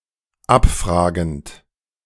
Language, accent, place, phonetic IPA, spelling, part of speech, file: German, Germany, Berlin, [ˈapˌfʁaːɡn̩t], abfragend, verb, De-abfragend.ogg
- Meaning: present participle of abfragen